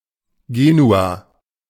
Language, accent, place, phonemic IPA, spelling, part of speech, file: German, Germany, Berlin, /ˈɡeːnua/, Genua, proper noun, De-Genua.ogg
- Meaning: Genoa (a port city and comune, the capital of the Metropolitan City of Genoa and the region of Liguria, Italy)